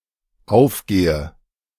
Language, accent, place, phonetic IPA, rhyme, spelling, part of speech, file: German, Germany, Berlin, [ˈaʊ̯fˌɡeːə], -aʊ̯fɡeːə, aufgehe, verb, De-aufgehe.ogg
- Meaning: inflection of aufgehen: 1. first-person singular dependent present 2. first/third-person singular dependent subjunctive I